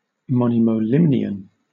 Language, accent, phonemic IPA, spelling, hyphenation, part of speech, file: English, Southern England, /ˌmɒ.nɪ.mə(ʊ)ˈlɪm.nɪ.ən/, monimolimnion, mo‧ni‧mo‧limn‧i‧on, noun, LL-Q1860 (eng)-monimolimnion.wav
- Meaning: The lower, dense stratum of a meromictic lake (one with permanently stratified layers) that does not mix with the waters above